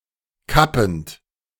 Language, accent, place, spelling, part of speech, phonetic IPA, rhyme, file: German, Germany, Berlin, kappend, verb, [ˈkapn̩t], -apn̩t, De-kappend.ogg
- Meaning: present participle of kappen